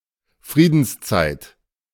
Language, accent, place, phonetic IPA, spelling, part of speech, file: German, Germany, Berlin, [ˈfʁiːdn̩sˌt͡saɪ̯t], Friedenszeit, noun, De-Friedenszeit.ogg
- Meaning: peacetime